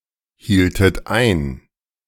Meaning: inflection of einhalten: 1. second-person plural preterite 2. second-person plural subjunctive II
- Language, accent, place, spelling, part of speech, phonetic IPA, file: German, Germany, Berlin, hieltet ein, verb, [ˌhiːltət ˈaɪ̯n], De-hieltet ein.ogg